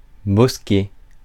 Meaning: a clump of trees; a grove
- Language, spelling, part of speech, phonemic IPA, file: French, bosquet, noun, /bɔs.kɛ/, Fr-bosquet.ogg